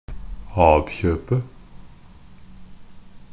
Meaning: definite singular of ab-kjøp
- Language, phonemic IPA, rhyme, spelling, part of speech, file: Norwegian Bokmål, /ˈɑːb.çøːpə/, -øːpə, ab-kjøpet, noun, NB - Pronunciation of Norwegian Bokmål «ab-kjøpet».ogg